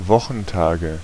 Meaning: inflection of Wochentag: 1. nominative/accusative/genitive plural 2. dative singular
- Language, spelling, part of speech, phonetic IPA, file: German, Wochentage, noun, [ˈvɔxn̩ˌtaːɡə], De-Wochentage.ogg